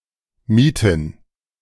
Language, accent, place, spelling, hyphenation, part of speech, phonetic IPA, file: German, Germany, Berlin, Mieten, Mie‧ten, noun, [ˈmiːtn̩], De-Mieten.ogg
- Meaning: 1. gerund of mieten 2. plural of Miete